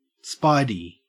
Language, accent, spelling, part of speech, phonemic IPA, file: English, Australia, Spidey, proper noun, /ˈspaɪdi/, En-au-Spidey.ogg
- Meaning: The fictional superhero Spider-Man